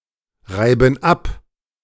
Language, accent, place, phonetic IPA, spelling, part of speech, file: German, Germany, Berlin, [ˌʁaɪ̯bn̩ ˈap], reiben ab, verb, De-reiben ab.ogg
- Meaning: inflection of abreiben: 1. first/third-person plural present 2. first/third-person plural subjunctive I